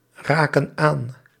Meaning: inflection of aanraken: 1. plural present indicative 2. plural present subjunctive
- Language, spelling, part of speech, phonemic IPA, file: Dutch, raken aan, verb, /ˈrakə(n) ˈan/, Nl-raken aan.ogg